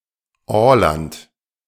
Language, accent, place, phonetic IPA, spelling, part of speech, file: German, Germany, Berlin, [ˈoːlant], Åland, proper noun, De-Åland.ogg
- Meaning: Åland